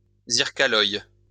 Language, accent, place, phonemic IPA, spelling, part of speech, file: French, France, Lyon, /ziʁ.ka.lɔj/, zyrcaloy, noun, LL-Q150 (fra)-zyrcaloy.wav
- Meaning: alternative form of zircaloy